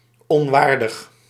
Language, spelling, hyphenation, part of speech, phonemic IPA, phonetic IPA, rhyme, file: Dutch, onwaardig, on‧waar‧dig, adjective, /ɔnˈʋaːr.dəx/, [ɔnˈʋaːr.dəx], -aːrdəx, Nl-onwaardig.ogg
- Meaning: unworthy